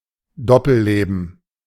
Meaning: double life
- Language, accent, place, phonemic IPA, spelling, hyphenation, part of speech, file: German, Germany, Berlin, /ˈdɔpl̩ˌleːbn̩/, Doppelleben, Dop‧pel‧le‧ben, noun, De-Doppelleben.ogg